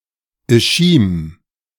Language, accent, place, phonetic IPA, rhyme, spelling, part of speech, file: German, Germany, Berlin, [ɪˈʃiːm], -iːm, Ischim, proper noun, De-Ischim.ogg
- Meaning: 1. Ishim (a town in Tyumen Oblast, Russia) 2. Ishim (a left tributary of the Irtush River flowing 1,520 miles through Kazakhstan and Russia and passing through Astana, capital of Kazakhstan)